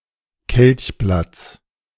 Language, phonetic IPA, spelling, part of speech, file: German, [ˈkɛlçˌblat͡s], Kelchblatts, noun, De-Kelchblatts.ogg